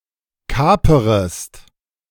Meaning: second-person singular subjunctive I of kapern
- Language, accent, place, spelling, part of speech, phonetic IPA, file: German, Germany, Berlin, kaperest, verb, [ˈkaːpəʁəst], De-kaperest.ogg